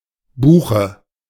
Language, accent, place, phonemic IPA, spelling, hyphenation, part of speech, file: German, Germany, Berlin, /ˈbuːxə/, Buche, Bu‧che, noun, De-Buche.ogg
- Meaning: 1. a beech (Fagus); the common tree 2. beech; the wood of the tree 3. dative singular of Buch